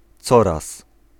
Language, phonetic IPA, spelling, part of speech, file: Polish, [ˈt͡sɔras], coraz, adverb, Pl-coraz.ogg